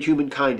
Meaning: The human race; mankind, humanity; Homo sapiens
- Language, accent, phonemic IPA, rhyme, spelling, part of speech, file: English, US, /ˌhjuːmənˈkaɪnd/, -aɪnd, humankind, noun, En-us-humankind.ogg